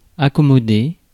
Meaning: to accommodate
- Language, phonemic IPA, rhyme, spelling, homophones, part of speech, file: French, /a.kɔ.mɔ.de/, -e, accommoder, accommodai / accommodé / accommodée / accommodées / accommodés / accommodez, verb, Fr-accommoder.ogg